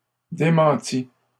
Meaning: third-person singular imperfect subjunctive of démentir
- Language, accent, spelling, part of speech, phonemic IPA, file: French, Canada, démentît, verb, /de.mɑ̃.ti/, LL-Q150 (fra)-démentît.wav